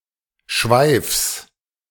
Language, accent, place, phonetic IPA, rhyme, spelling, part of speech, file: German, Germany, Berlin, [ʃvaɪ̯fs], -aɪ̯fs, Schweifs, noun, De-Schweifs.ogg
- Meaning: genitive singular of Schweif